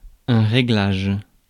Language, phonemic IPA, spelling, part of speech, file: French, /ʁe.ɡlaʒ/, réglage, noun, Fr-réglage.ogg
- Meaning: 1. adjustment, tuning 2. ruling 3. setting